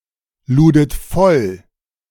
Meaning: second-person plural preterite of vollladen
- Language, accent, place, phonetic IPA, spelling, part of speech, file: German, Germany, Berlin, [ˌluːdət ˈfɔl], ludet voll, verb, De-ludet voll.ogg